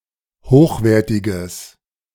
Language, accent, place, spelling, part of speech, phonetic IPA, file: German, Germany, Berlin, hochwertiges, adjective, [ˈhoːxˌveːɐ̯tɪɡəs], De-hochwertiges.ogg
- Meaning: strong/mixed nominative/accusative neuter singular of hochwertig